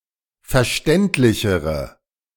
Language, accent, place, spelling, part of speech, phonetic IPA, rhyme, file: German, Germany, Berlin, verständlichere, adjective, [fɛɐ̯ˈʃtɛntlɪçəʁə], -ɛntlɪçəʁə, De-verständlichere.ogg
- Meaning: inflection of verständlich: 1. strong/mixed nominative/accusative feminine singular comparative degree 2. strong nominative/accusative plural comparative degree